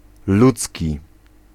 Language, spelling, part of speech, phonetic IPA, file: Polish, ludzki, adjective, [ˈlut͡sʲci], Pl-ludzki.ogg